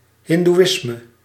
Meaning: Hinduism
- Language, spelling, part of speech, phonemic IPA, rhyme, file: Dutch, hindoeïsme, noun, /ˌɦɪn.duˈɪs.mə/, -ɪsmə, Nl-hindoeïsme.ogg